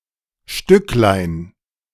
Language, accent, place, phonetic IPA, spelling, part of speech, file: German, Germany, Berlin, [ˈʃtʏklaɪ̯n], Stücklein, noun, De-Stücklein.ogg
- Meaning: diminutive of Stück